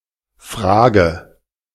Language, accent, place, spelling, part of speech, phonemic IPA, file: German, Germany, Berlin, Frage, noun, /ˈfʁaːɡə/, De-Frage.ogg
- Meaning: 1. question (interrogative sentence or phrase) 2. question, issue, matter (subject or topic for consideration or investigation) 3. question, doubt (challenge about the truth or accuracy of a matter)